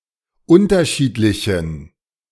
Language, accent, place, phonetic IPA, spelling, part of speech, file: German, Germany, Berlin, [ˈʊntɐˌʃiːtlɪçn̩], unterschiedlichen, adjective, De-unterschiedlichen.ogg
- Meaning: inflection of unterschiedlich: 1. strong genitive masculine/neuter singular 2. weak/mixed genitive/dative all-gender singular 3. strong/weak/mixed accusative masculine singular 4. strong dative plural